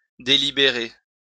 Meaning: 1. to plan, to prepare 2. to deliberate
- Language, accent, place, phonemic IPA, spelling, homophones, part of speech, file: French, France, Lyon, /de.li.be.ʁe/, délibérer, délibéré / délibérée / délibérées / délibérés / délibérez, verb, LL-Q150 (fra)-délibérer.wav